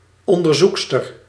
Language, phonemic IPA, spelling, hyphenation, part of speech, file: Dutch, /ˌɔn.dərˈzuk.stər/, onderzoekster, on‧der‧zoek‧ster, noun, Nl-onderzoekster.ogg
- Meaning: female researcher